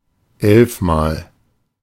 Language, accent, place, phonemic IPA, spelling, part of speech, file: German, Germany, Berlin, /ˈɛlfmaːl/, elfmal, adverb, De-elfmal.ogg
- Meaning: eleven times